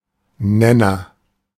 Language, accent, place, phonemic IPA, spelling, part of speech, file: German, Germany, Berlin, /ˈnɛnɐ/, Nenner, noun, De-Nenner.ogg
- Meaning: denominator (the number or expression written below the line in a fraction)